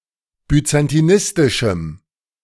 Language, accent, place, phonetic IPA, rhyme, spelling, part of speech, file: German, Germany, Berlin, [byt͡santiˈnɪstɪʃm̩], -ɪstɪʃm̩, byzantinistischem, adjective, De-byzantinistischem.ogg
- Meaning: strong dative masculine/neuter singular of byzantinistisch